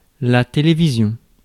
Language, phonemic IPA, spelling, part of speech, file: French, /te.le.vi.zjɔ̃/, télévision, noun, Fr-télévision.ogg
- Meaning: television